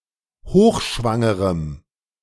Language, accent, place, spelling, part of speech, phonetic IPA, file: German, Germany, Berlin, hochschwangerem, adjective, [ˈhoːxˌʃvaŋəʁəm], De-hochschwangerem.ogg
- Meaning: strong dative masculine/neuter singular of hochschwanger